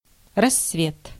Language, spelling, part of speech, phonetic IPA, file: Russian, рассвет, noun, [rɐs(ː)ˈvʲet], Ru-рассвет.ogg
- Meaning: 1. dawn, daybreak 2. Rassvet (component of the International Space Station)